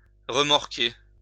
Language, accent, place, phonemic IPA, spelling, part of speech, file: French, France, Lyon, /ʁə.mɔʁ.ke/, remorquer, verb, LL-Q150 (fra)-remorquer.wav
- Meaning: to tow (e.g. a trailer, vessel)